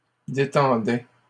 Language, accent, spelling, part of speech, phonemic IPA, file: French, Canada, détendait, verb, /de.tɑ̃.dɛ/, LL-Q150 (fra)-détendait.wav
- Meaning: third-person singular imperfect indicative of détendre